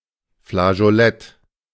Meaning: flageolet (type of small flute)
- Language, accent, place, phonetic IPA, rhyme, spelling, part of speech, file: German, Germany, Berlin, [flaʒoˈlɛt], -ɛt, Flageolett, noun, De-Flageolett.ogg